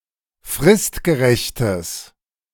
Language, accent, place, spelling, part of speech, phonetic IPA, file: German, Germany, Berlin, fristgerechtes, adjective, [ˈfʁɪstɡəˌʁɛçtəs], De-fristgerechtes.ogg
- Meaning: strong/mixed nominative/accusative neuter singular of fristgerecht